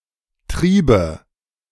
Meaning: first/third-person singular subjunctive II of treiben
- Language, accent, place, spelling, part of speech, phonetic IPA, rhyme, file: German, Germany, Berlin, triebe, verb, [ˈtʁiːbə], -iːbə, De-triebe.ogg